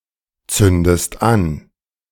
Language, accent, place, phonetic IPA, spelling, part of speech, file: German, Germany, Berlin, [ˌt͡sʏndəst ˈan], zündest an, verb, De-zündest an.ogg
- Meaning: inflection of anzünden: 1. second-person singular present 2. second-person singular subjunctive I